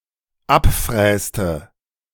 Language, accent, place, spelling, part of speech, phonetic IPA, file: German, Germany, Berlin, abfräste, verb, [ˈapˌfʁɛːstə], De-abfräste.ogg
- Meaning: inflection of abfräsen: 1. first/third-person singular dependent preterite 2. first/third-person singular dependent subjunctive II